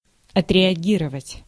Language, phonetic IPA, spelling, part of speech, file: Russian, [ɐtrʲɪɐˈɡʲirəvətʲ], отреагировать, verb, Ru-отреагировать.ogg
- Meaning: to react, to respond